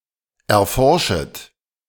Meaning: second-person plural subjunctive I of erforschen
- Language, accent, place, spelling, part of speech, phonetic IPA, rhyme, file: German, Germany, Berlin, erforschet, verb, [ɛɐ̯ˈfɔʁʃət], -ɔʁʃət, De-erforschet.ogg